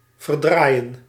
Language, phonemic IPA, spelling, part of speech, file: Dutch, /vərˈdrajə(n)/, verdraaien, verb, Nl-verdraaien.ogg
- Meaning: 1. to twist, to contort 2. to twist, distort (the truth, one's words etc.)